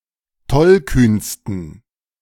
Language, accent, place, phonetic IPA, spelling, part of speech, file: German, Germany, Berlin, [ˈtɔlˌkyːnstn̩], tollkühnsten, adjective, De-tollkühnsten.ogg
- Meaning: 1. superlative degree of tollkühn 2. inflection of tollkühn: strong genitive masculine/neuter singular superlative degree